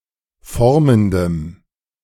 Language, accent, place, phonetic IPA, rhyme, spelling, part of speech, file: German, Germany, Berlin, [ˈfɔʁməndəm], -ɔʁməndəm, formendem, adjective, De-formendem.ogg
- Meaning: strong dative masculine/neuter singular of formend